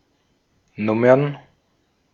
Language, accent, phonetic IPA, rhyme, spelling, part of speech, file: German, Austria, [ˈnʊmɐn], -ʊmɐn, Nummern, noun, De-at-Nummern.ogg
- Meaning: plural of Nummer